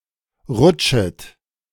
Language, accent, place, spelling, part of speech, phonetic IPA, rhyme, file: German, Germany, Berlin, rutschet, verb, [ˈʁʊt͡ʃət], -ʊt͡ʃət, De-rutschet.ogg
- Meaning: second-person plural subjunctive I of rutschen